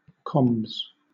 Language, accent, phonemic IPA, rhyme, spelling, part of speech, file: English, Southern England, /kɒmbz/, -ɒmbz, combs, noun, LL-Q1860 (eng)-combs.wav
- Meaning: Combinations (underwear)